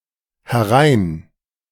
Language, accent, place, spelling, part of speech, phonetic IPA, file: German, Germany, Berlin, herein-, prefix, [hɛˈʁaɪ̯n], De-herein-.ogg
- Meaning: A verbal prefix indicating movement inwards towards the speaker